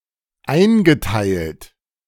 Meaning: past participle of einteilen
- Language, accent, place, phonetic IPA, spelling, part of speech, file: German, Germany, Berlin, [ˈaɪ̯nɡəˌtaɪ̯lt], eingeteilt, verb, De-eingeteilt.ogg